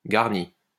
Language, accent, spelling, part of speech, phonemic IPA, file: French, France, garni, verb / adjective, /ɡaʁ.ni/, LL-Q150 (fra)-garni.wav
- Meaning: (verb) past participle of garnir; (adjective) garnished (with vegetables etc)